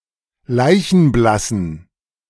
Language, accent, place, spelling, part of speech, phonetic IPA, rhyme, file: German, Germany, Berlin, leichenblassen, adjective, [ˈlaɪ̯çn̩ˈblasn̩], -asn̩, De-leichenblassen.ogg
- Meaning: inflection of leichenblass: 1. strong genitive masculine/neuter singular 2. weak/mixed genitive/dative all-gender singular 3. strong/weak/mixed accusative masculine singular 4. strong dative plural